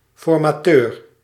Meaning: 1. trainer 2. chief political negotiator for formal talks that are intended to lead to the formation of a cabinet
- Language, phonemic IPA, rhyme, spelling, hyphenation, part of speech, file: Dutch, /fɔr.maːˈtøːr/, -øːr, formateur, for‧ma‧teur, noun, Nl-formateur.ogg